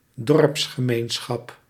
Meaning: a village community
- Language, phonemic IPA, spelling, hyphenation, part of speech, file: Dutch, /ˈdɔrps.xəˌmeːn.sxɑp/, dorpsgemeenschap, dorps‧ge‧meen‧schap, noun, Nl-dorpsgemeenschap.ogg